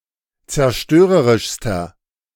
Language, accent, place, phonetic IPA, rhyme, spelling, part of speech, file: German, Germany, Berlin, [t͡sɛɐ̯ˈʃtøːʁəʁɪʃstɐ], -øːʁəʁɪʃstɐ, zerstörerischster, adjective, De-zerstörerischster.ogg
- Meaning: inflection of zerstörerisch: 1. strong/mixed nominative masculine singular superlative degree 2. strong genitive/dative feminine singular superlative degree